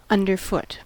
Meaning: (adjective) 1. Situated under one's foot or feet 2. In the way; placed so as to obstruct or hinder 3. Downtrodden; abject; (adverb) Under one's foot or feet
- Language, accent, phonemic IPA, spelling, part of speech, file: English, US, /ʌndɚˈfʊt/, underfoot, adjective / adverb / noun / verb, En-us-underfoot.ogg